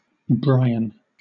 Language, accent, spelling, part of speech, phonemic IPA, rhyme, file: English, Southern England, Brian, proper noun, /ˈbɹaɪ.ən/, -aɪən, LL-Q1860 (eng)-Brian.wav
- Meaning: 1. A male given name from Irish 2. A surname